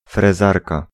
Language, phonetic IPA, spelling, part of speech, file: Polish, [frɛˈzarka], frezarka, noun, Pl-frezarka.ogg